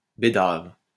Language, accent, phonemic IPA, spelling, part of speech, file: French, France, /be.dav/, bédave, verb, LL-Q150 (fra)-bédave.wav
- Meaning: to smoke bhang